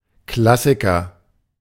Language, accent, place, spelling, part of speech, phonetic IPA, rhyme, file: German, Germany, Berlin, Klassiker, noun, [ˈklasɪkɐ], -asɪkɐ, De-Klassiker.ogg
- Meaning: 1. classic (an author or work of lasting import, a part of the canon of a genre or field) 2. classic (a joke, situation or occurrence that is considered well-known, typical or relatable)